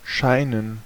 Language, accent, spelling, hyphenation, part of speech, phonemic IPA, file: German, Germany, scheinen, schei‧nen, verb, /ˈʃaɪnən/, De-scheinen.ogg
- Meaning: 1. to shine; to gleam 2. to seem; to appear; to look